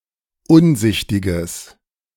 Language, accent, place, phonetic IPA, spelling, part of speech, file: German, Germany, Berlin, [ˈʊnˌzɪçtɪɡəs], unsichtiges, adjective, De-unsichtiges.ogg
- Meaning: strong/mixed nominative/accusative neuter singular of unsichtig